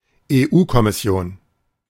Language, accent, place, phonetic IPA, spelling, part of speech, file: German, Germany, Berlin, [eˈʔuːkɔmɪˌsi̯oːn], EU-Kommission, noun, De-EU-Kommission.ogg
- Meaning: synonym of Europäische Kommission